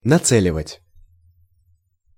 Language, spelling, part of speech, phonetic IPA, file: Russian, нацеливать, verb, [nɐˈt͡sɛlʲɪvətʲ], Ru-нацеливать.ogg
- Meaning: to aim (to point or direct a missile weapon)